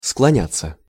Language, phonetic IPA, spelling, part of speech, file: Russian, [skɫɐˈnʲat͡sːə], склоняться, verb, Ru-склоняться.ogg
- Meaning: 1. to incline, to bend, to stoop 2. to be inclined (to) 3. to yield (to) (to give up under pressure) 4. passive of склоня́ть (sklonjátʹ)